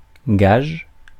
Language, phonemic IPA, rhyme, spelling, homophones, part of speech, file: French, /ɡaʒ/, -aʒ, gage, gagent / gages, noun / verb, Fr-gage.ogg
- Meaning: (noun) 1. pledge, guarantee 2. deposit, security, guaranty (guarantee that debt will be paid; property relinquished to ensure this) 3. forfeit (something deposited as part of a game)